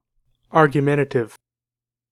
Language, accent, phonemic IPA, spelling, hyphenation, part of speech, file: English, General American, /ˌɑɹɡjəˈmɛn(t)ətɪv/, argumentative, ar‧gu‧ment‧a‧tive, adjective, En-us-argumentative.ogg
- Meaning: 1. Of or relating to argumentation; specifically, presenting a logical argument or line of reasoning; argumentive, discursive 2. Prone to argue or dispute